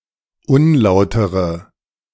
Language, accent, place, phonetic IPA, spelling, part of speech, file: German, Germany, Berlin, [ˈʊnˌlaʊ̯təʁə], unlautere, adjective, De-unlautere.ogg
- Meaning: inflection of unlauter: 1. strong/mixed nominative/accusative feminine singular 2. strong nominative/accusative plural 3. weak nominative all-gender singular